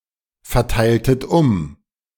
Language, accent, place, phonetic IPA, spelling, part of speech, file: German, Germany, Berlin, [fɛɐ̯ˌtaɪ̯ltət ˈʊm], verteiltet um, verb, De-verteiltet um.ogg
- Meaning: inflection of umverteilen: 1. second-person plural preterite 2. second-person plural subjunctive II